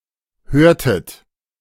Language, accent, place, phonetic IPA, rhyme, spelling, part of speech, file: German, Germany, Berlin, [ˈhøːɐ̯tət], -øːɐ̯tət, hörtet, verb, De-hörtet.ogg
- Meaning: inflection of hören: 1. second-person plural preterite 2. second-person plural subjunctive II